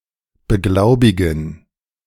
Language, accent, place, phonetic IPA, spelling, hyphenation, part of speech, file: German, Germany, Berlin, [bəˈɡlaʊ̯bɪɡn̩], beglaubigen, be‧glau‧bi‧gen, verb, De-beglaubigen.ogg
- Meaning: 1. to authenticate 2. to accredit